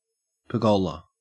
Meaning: 1. A framework in the form of a passageway of columns that supports a trelliswork roof; used to support and train climbing plants 2. Such a framework employed to provide shade, especially over a patio
- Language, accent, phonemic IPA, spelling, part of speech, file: English, Australia, /pɜːˈɡɐʉlə/, pergola, noun, En-au-pergola.ogg